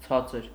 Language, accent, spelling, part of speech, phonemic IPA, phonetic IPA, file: Armenian, Eastern Armenian, ցածր, adjective, /ˈt͡sʰɑt͡səɾ/, [t͡sʰɑ́t͡səɾ], Hy-ցածր.ogg
- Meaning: low